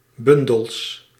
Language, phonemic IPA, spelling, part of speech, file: Dutch, /ˈbʏndəls/, bundels, noun, Nl-bundels.ogg
- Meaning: plural of bundel